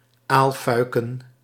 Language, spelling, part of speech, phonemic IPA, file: Dutch, aalfuiken, noun, /ˈalfœykə(n)/, Nl-aalfuiken.ogg
- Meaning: plural of aalfuik